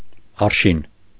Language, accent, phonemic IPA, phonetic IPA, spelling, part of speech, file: Armenian, Eastern Armenian, /ɑɾˈʃin/, [ɑɾʃín], արշին, noun, Hy-արշին.ogg
- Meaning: 1. arshin (Russian unit of length) 2. arşın (Turkish unit of length)